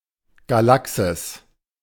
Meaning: Galaxy (especially our Milky Way galaxy)
- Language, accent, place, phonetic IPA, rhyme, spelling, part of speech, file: German, Germany, Berlin, [ɡaˈlaksɪs], -aksɪs, Galaxis, proper noun, De-Galaxis.ogg